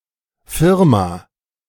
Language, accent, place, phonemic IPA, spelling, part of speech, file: German, Germany, Berlin, /fɪrma/, Firma, noun, De-Firma.ogg
- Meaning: 1. A company, a business 2. A firm, the name under which a company operates, as opposed to the actual legal entity